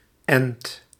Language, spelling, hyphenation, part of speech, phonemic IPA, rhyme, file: Dutch, ent, ent, noun / verb, /ɛnt/, -ɛnt, Nl-ent.ogg
- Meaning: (noun) graft (particularly on a tree); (verb) inflection of enten: 1. first/second/third-person singular present indicative 2. imperative